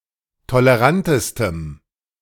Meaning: strong dative masculine/neuter singular superlative degree of tolerant
- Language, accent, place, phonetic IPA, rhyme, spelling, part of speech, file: German, Germany, Berlin, [toləˈʁantəstəm], -antəstəm, tolerantestem, adjective, De-tolerantestem.ogg